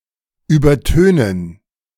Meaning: to drown out
- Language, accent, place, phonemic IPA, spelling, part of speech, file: German, Germany, Berlin, /yːbɐˈtøːnən/, übertönen, verb, De-übertönen.ogg